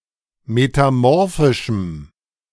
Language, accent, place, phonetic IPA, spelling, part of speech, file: German, Germany, Berlin, [metaˈmɔʁfɪʃm̩], metamorphischem, adjective, De-metamorphischem.ogg
- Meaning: strong dative masculine/neuter singular of metamorphisch